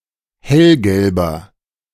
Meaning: inflection of hellgelb: 1. strong/mixed nominative masculine singular 2. strong genitive/dative feminine singular 3. strong genitive plural
- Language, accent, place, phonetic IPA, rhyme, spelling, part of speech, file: German, Germany, Berlin, [ˈhɛlɡɛlbɐ], -ɛlɡɛlbɐ, hellgelber, adjective, De-hellgelber.ogg